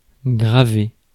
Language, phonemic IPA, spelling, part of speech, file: French, /ɡʁa.ve/, graver, verb, Fr-graver.ogg
- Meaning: 1. to engrave 2. to carve (wood) 3. to burn (data, onto a CD, DVD, etc.)